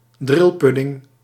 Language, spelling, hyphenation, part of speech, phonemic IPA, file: Dutch, drilpudding, dril‧pud‧ding, noun, /ˈdrɪlˌpʏ.dɪŋ/, Nl-drilpudding.ogg
- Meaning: a jelly pudding